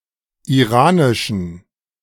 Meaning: inflection of iranisch: 1. strong genitive masculine/neuter singular 2. weak/mixed genitive/dative all-gender singular 3. strong/weak/mixed accusative masculine singular 4. strong dative plural
- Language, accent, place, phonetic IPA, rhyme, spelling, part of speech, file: German, Germany, Berlin, [iˈʁaːnɪʃn̩], -aːnɪʃn̩, iranischen, adjective, De-iranischen.ogg